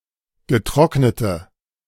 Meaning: inflection of getrocknet: 1. strong/mixed nominative/accusative feminine singular 2. strong nominative/accusative plural 3. weak nominative all-gender singular
- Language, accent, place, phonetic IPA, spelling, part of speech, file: German, Germany, Berlin, [ɡəˈtʁɔknətə], getrocknete, adjective, De-getrocknete.ogg